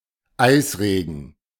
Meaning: freezing rain
- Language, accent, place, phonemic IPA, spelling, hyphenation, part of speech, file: German, Germany, Berlin, /ˈaɪ̯sˌʁeːɡn̩/, Eisregen, Eis‧re‧gen, noun, De-Eisregen.ogg